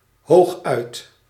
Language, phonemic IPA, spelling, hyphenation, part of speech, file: Dutch, /ˈɦoːx.œy̯t/, hooguit, hoog‧uit, adverb, Nl-hooguit.ogg
- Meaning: at most